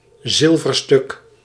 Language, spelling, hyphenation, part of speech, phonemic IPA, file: Dutch, zilverstuk, zil‧ver‧stuk, noun, /ˈzɪl.vərˌstʏk/, Nl-zilverstuk.ogg
- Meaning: silver coin